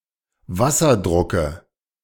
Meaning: dative singular of Wasserdruck
- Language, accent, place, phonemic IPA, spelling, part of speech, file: German, Germany, Berlin, /ˈvasɐˌdʁʊkə/, Wasserdrucke, noun, De-Wasserdrucke.ogg